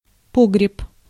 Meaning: 1. root cellar, vault 2. magazine
- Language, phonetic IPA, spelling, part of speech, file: Russian, [ˈpoɡrʲɪp], погреб, noun, Ru-погреб.ogg